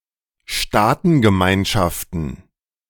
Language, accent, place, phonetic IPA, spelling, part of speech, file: German, Germany, Berlin, [ˈʃtaːtn̩ɡəˌmaɪ̯nʃaftn̩], Staatengemeinschaften, noun, De-Staatengemeinschaften.ogg
- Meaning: plural of Staatengemeinschaft